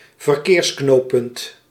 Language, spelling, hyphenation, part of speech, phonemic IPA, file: Dutch, verkeersknooppunt, ver‧keers‧knoop‧punt, noun, /vərˈkeːrsˌknoː.pʏnt/, Nl-verkeersknooppunt.ogg
- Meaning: interchange (grade-separated infrastructure junction)